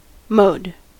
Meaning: A particular means of accomplishing something
- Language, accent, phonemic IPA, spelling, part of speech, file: English, US, /moʊd/, mode, noun, En-us-mode.ogg